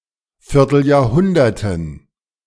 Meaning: dative plural of Vierteljahrhundert
- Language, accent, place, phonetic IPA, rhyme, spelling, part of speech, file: German, Germany, Berlin, [fɪʁtl̩jaːɐ̯ˈhʊndɐtn̩], -ʊndɐtn̩, Vierteljahrhunderten, noun, De-Vierteljahrhunderten.ogg